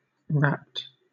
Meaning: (adjective) 1. Snatched, taken away; abducted 2. Lifted up into the air; transported into heaven 3. Very interested, involved in something, absorbed, transfixed; fascinated or engrossed
- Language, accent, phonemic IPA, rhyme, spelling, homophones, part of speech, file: English, Southern England, /ˈɹæpt/, -æpt, rapt, rapped / wrapped / wrapt, adjective / verb / noun, LL-Q1860 (eng)-rapt.wav